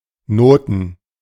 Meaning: 1. plural of Note 2. music (sheet music, written music)
- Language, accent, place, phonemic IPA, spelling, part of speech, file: German, Germany, Berlin, /ˈnoːtn̩/, Noten, noun, De-Noten.ogg